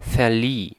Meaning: first/third-person singular preterite of verleihen
- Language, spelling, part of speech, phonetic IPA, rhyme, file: German, verlieh, verb, [fɛɐ̯ˈliː], -iː, De-verlieh.ogg